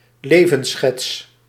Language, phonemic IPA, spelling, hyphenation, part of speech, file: Dutch, /ˈleː.və(n)ˌsxɛts/, levensschets, le‧vens‧schets, noun, Nl-levensschets.ogg
- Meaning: summary biographical notice (often as part of a obituary)